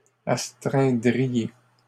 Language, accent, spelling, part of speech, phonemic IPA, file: French, Canada, astreindriez, verb, /as.tʁɛ̃.dʁi.je/, LL-Q150 (fra)-astreindriez.wav
- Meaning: second-person plural conditional of astreindre